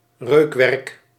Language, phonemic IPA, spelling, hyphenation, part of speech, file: Dutch, /ˈrøːkʋɛrk/, reukwerk, reuk‧werk, noun, Nl-reukwerk.ogg
- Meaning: 1. an incense product, an aromatic product that spreads a smell when burned, used often as a cultic or therapeutic activity 2. any perfume, luxury product to provide a scent